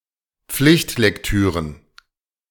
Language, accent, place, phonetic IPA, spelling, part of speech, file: German, Germany, Berlin, [ˈp͡flɪçtlɛkˌtyːʁən], Pflichtlektüren, noun, De-Pflichtlektüren.ogg
- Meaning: plural of Pflichtlektüre